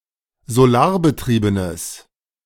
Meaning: strong/mixed nominative/accusative neuter singular of solarbetrieben
- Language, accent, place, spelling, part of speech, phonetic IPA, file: German, Germany, Berlin, solarbetriebenes, adjective, [zoˈlaːɐ̯bəˌtʁiːbənəs], De-solarbetriebenes.ogg